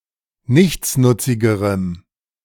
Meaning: strong dative masculine/neuter singular comparative degree of nichtsnutzig
- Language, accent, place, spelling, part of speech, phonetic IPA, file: German, Germany, Berlin, nichtsnutzigerem, adjective, [ˈnɪçt͡snʊt͡sɪɡəʁəm], De-nichtsnutzigerem.ogg